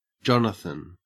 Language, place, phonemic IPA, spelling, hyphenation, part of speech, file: English, Queensland, /ˈd͡ʒɔnəθɪn/, Jonathan, Jon‧a‧than, proper noun / noun, En-au-Jonathan.ogg
- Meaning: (proper noun) 1. A son of Saul, first mentioned in 1 Samuel 2. Jonathan Apphus, a son of Mattathias, brother of Joannan Caddis, Simon Thassi, Judas Maccabeus and Eleazar Avara